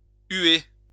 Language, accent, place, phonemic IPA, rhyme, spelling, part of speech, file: French, France, Lyon, /y.e/, -e, huer, verb, LL-Q150 (fra)-huer.wav
- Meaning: to boo